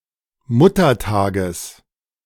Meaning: genitive singular of Muttertag
- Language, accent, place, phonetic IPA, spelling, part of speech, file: German, Germany, Berlin, [ˈmʊtɐˌtaːɡəs], Muttertages, noun, De-Muttertages.ogg